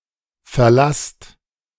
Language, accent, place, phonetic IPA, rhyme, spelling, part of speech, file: German, Germany, Berlin, [fɛɐ̯ˈlast], -ast, verlasst, verb, De-verlasst.ogg
- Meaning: inflection of verlassen: 1. second-person plural present 2. plural imperative